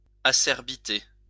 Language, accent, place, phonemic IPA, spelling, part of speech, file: French, France, Lyon, /a.sɛʁ.bi.te/, acerbité, noun, LL-Q150 (fra)-acerbité.wav
- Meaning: acerbity